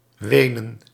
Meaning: Vienna (the capital city of Austria)
- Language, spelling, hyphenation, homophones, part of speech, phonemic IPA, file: Dutch, Wenen, We‧nen, wenen, proper noun, /ˈʋeːnə(n)/, Nl-Wenen.ogg